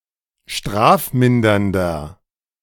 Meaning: inflection of strafmindernd: 1. strong/mixed nominative masculine singular 2. strong genitive/dative feminine singular 3. strong genitive plural
- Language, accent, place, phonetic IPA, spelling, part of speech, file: German, Germany, Berlin, [ˈʃtʁaːfˌmɪndɐndɐ], strafmindernder, adjective, De-strafmindernder.ogg